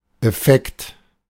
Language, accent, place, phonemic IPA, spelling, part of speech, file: German, Germany, Berlin, /ɛˈfɛkt/, Effekt, noun, De-Effekt.ogg
- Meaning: effect